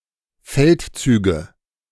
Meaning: nominative/accusative/genitive plural of Feldzug
- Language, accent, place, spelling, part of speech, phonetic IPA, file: German, Germany, Berlin, Feldzüge, noun, [ˈfɛltˌt͡syːɡə], De-Feldzüge.ogg